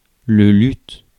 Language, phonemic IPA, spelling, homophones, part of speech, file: French, /lyt/, luth, luths / lut / luts / lutte / luttent / luttes, noun, Fr-luth.ogg
- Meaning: lute, a stringed instrument